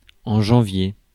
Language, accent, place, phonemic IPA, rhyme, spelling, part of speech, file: French, France, Paris, /ʒɑ̃.vje/, -je, janvier, noun, Fr-janvier.ogg
- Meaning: January